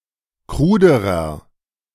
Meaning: inflection of krud: 1. strong/mixed nominative masculine singular comparative degree 2. strong genitive/dative feminine singular comparative degree 3. strong genitive plural comparative degree
- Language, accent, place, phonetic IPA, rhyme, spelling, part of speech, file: German, Germany, Berlin, [ˈkʁuːdəʁɐ], -uːdəʁɐ, kruderer, adjective, De-kruderer.ogg